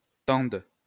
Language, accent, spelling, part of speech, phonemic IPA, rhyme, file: French, France, tende, verb, /tɑ̃d/, -ɑ̃d, LL-Q150 (fra)-tende.wav
- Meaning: first/third-person singular present subjunctive of tendre